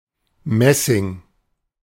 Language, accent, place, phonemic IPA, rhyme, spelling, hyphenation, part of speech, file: German, Germany, Berlin, /ˈmɛsɪŋ/, -ɛsɪŋ, Messing, Mes‧sing, noun, De-Messing.ogg
- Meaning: brass